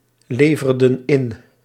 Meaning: inflection of inleveren: 1. plural past indicative 2. plural past subjunctive
- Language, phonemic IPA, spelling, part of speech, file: Dutch, /ˈlevərdə(n) ˈɪn/, leverden in, verb, Nl-leverden in.ogg